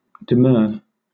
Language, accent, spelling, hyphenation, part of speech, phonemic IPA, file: English, Southern England, demur, de‧mur, verb / noun, /dɪˈmɜː/, LL-Q1860 (eng)-demur.wav
- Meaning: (verb) Chiefly followed by to, and sometimes by at or on: to object or be reluctant; to balk, to take exception